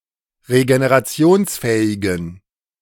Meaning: inflection of regenerationsfähig: 1. strong genitive masculine/neuter singular 2. weak/mixed genitive/dative all-gender singular 3. strong/weak/mixed accusative masculine singular
- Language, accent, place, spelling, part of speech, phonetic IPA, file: German, Germany, Berlin, regenerationsfähigen, adjective, [ʁeɡeneʁaˈt͡si̯oːnsˌfɛːɪɡn̩], De-regenerationsfähigen.ogg